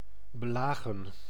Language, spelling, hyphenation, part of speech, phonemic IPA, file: Dutch, belagen, be‧la‧gen, verb, /bəˈlaːɣə(n)/, Nl-belagen.ogg
- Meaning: 1. to beleaguer, waylay 2. to vex, harass or beset